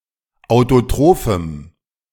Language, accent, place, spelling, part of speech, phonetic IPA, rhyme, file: German, Germany, Berlin, autotrophem, adjective, [aʊ̯toˈtʁoːfm̩], -oːfm̩, De-autotrophem.ogg
- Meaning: strong dative masculine/neuter singular of autotroph